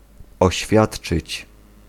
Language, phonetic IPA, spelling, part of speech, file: Polish, [ɔˈɕfʲjaṭt͡ʃɨt͡ɕ], oświadczyć, verb, Pl-oświadczyć.ogg